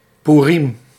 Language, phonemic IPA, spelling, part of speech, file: Dutch, /ˈpurim/, Poeriem, noun, Nl-Poeriem.ogg
- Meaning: alternative form of Poerim